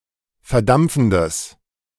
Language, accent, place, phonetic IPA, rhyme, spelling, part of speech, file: German, Germany, Berlin, [fɛɐ̯ˈdamp͡fn̩dəs], -amp͡fn̩dəs, verdampfendes, adjective, De-verdampfendes.ogg
- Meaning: strong/mixed nominative/accusative neuter singular of verdampfend